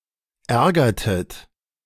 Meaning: inflection of ärgern: 1. second-person plural preterite 2. second-person plural subjunctive II
- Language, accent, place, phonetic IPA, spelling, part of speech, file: German, Germany, Berlin, [ˈɛʁɡɐtət], ärgertet, verb, De-ärgertet.ogg